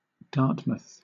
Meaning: 1. A town, civil parish, and port in South Hams district, Devon, England (OS grid ref SX8751) 2. A town in Bristol County, Massachusetts, United States
- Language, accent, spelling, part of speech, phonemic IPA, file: English, Southern England, Dartmouth, proper noun, /ˈdɑːtməθ/, LL-Q1860 (eng)-Dartmouth.wav